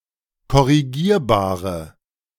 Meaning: inflection of korrigierbar: 1. strong/mixed nominative/accusative feminine singular 2. strong nominative/accusative plural 3. weak nominative all-gender singular
- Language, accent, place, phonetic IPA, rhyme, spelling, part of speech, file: German, Germany, Berlin, [kɔʁiˈɡiːɐ̯baːʁə], -iːɐ̯baːʁə, korrigierbare, adjective, De-korrigierbare.ogg